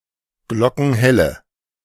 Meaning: inflection of glockenhell: 1. strong/mixed nominative/accusative feminine singular 2. strong nominative/accusative plural 3. weak nominative all-gender singular
- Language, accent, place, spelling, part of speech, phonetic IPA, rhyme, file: German, Germany, Berlin, glockenhelle, adjective, [ˈɡlɔkn̩ˈhɛlə], -ɛlə, De-glockenhelle.ogg